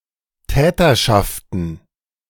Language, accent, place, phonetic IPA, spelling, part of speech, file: German, Germany, Berlin, [ˈtɛːtɐʃaftn̩], Täterschaften, noun, De-Täterschaften.ogg
- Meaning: plural of Täterschaft